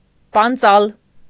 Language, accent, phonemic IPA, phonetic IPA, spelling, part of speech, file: Armenian, Eastern Armenian, /pɑnˈt͡sɑl/, [pɑnt͡sɑ́l], պանծալ, verb, Hy-պանծալ.ogg
- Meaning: to be proud